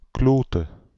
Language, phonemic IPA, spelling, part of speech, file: Dutch, /ˈklotə/, klote, interjection / adjective / verb, Nl-klote.ogg
- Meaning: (interjection) balls, dammit, fuck; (adjective) bad, stupid